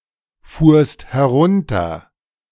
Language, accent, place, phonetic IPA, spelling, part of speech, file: German, Germany, Berlin, [ˌfuːɐ̯st hɛˈʁʊntɐ], fuhrst herunter, verb, De-fuhrst herunter.ogg
- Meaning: second-person singular preterite of herunterfahren